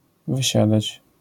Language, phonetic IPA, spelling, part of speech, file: Polish, [vɨˈɕadat͡ɕ], wysiadać, verb, LL-Q809 (pol)-wysiadać.wav